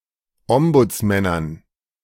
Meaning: dative plural of Ombudsmann
- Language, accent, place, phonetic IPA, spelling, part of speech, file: German, Germany, Berlin, [ˈɔmbʊt͡sˌmɛnɐn], Ombudsmännern, noun, De-Ombudsmännern.ogg